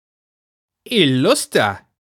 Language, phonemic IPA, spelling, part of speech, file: German, /ɪˈlʊstɐ/, illuster, adjective, De-illuster.ogg
- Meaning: illustrious, renowned